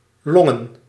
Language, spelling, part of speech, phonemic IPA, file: Dutch, longen, noun, /ˈlɔŋə(n)/, Nl-longen.ogg
- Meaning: plural of long